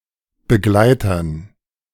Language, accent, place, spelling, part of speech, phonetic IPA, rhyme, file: German, Germany, Berlin, Begleitern, noun, [bəˈɡlaɪ̯tɐn], -aɪ̯tɐn, De-Begleitern.ogg
- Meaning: dative plural of Begleiter